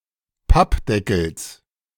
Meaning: genitive of Pappdeckel
- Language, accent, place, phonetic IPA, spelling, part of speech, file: German, Germany, Berlin, [ˈpapˌdɛkl̩s], Pappdeckels, noun, De-Pappdeckels.ogg